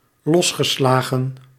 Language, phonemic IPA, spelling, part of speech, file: Dutch, /ˈlɔsxəˌslaɣə(n)/, losgeslagen, verb, Nl-losgeslagen.ogg
- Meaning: past participle of losslaan